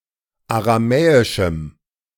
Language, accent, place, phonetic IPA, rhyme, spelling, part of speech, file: German, Germany, Berlin, [aʁaˈmɛːɪʃm̩], -ɛːɪʃm̩, aramäischem, adjective, De-aramäischem.ogg
- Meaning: strong dative masculine/neuter singular of aramäisch